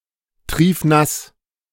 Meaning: soaking wet
- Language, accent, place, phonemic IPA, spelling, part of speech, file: German, Germany, Berlin, /ˈtʁiːfˈnas/, triefnass, adjective, De-triefnass.ogg